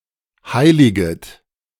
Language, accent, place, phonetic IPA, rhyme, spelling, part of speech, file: German, Germany, Berlin, [ˈhaɪ̯lɪɡət], -aɪ̯lɪɡət, heiliget, verb, De-heiliget.ogg
- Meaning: second-person plural subjunctive I of heiligen